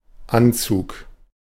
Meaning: 1. verbal noun of anziehen 2. suit (of clothes), outfit 3. approach, gathering (of weather) 4. approaching, advancing 5. bedcover 6. a motion in parliament 7. acceleration
- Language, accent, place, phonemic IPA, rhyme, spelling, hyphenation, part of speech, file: German, Germany, Berlin, /ˈantsuːk/, -uːk, Anzug, An‧zug, noun, De-Anzug.ogg